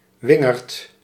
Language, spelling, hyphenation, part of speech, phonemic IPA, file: Dutch, wingerd, win‧gerd, noun, /ˈʋɪ.ŋərt/, Nl-wingerd.ogg
- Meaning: 1. grapevine of the species Vitis vinifera 2. synonym of wilde wingerd (“creeper, plant of genus Parthenocissus”)